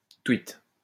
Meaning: 1. twit (foolish person) 2. a tweet (a message on Twitter)
- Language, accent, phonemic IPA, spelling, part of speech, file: French, France, /twit/, twit, noun, LL-Q150 (fra)-twit.wav